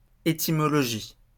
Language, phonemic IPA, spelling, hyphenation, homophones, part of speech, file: French, /e.ti.mɔ.lɔ.ʒi/, étymologie, é‧ty‧mo‧lo‧gie, étymologies, noun, LL-Q150 (fra)-étymologie.wav
- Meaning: etymology